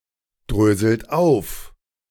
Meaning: inflection of aufdröseln: 1. second-person plural present 2. third-person singular present 3. plural imperative
- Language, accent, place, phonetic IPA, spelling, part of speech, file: German, Germany, Berlin, [ˌdʁøːzl̩t ˈaʊ̯f], dröselt auf, verb, De-dröselt auf.ogg